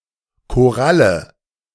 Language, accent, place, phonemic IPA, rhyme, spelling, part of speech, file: German, Germany, Berlin, /koˈralə/, -alə, Koralle, noun, De-Koralle.ogg
- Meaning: coral